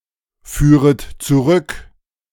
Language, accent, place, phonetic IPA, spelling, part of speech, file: German, Germany, Berlin, [ˌfyːʁət t͡suˈʁʏk], führet zurück, verb, De-führet zurück.ogg
- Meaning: second-person plural subjunctive I of zurückführen